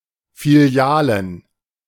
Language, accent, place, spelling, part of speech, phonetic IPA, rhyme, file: German, Germany, Berlin, Filialen, noun, [fiˈli̯aːlən], -aːlən, De-Filialen.ogg
- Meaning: plural of Filiale